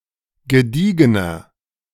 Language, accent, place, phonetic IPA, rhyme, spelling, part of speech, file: German, Germany, Berlin, [ɡəˈdiːɡənɐ], -iːɡənɐ, gediegener, adjective, De-gediegener.ogg
- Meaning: 1. comparative degree of gediegen 2. inflection of gediegen: strong/mixed nominative masculine singular 3. inflection of gediegen: strong genitive/dative feminine singular